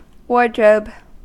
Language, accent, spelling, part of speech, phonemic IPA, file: English, US, wardrobe, noun / verb, /ˈwɔɹdɹoʊb/, En-us-wardrobe.ogg
- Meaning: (noun) A room for keeping clothes and armor safe, particularly a dressing room or walk-in closet beside a bedroom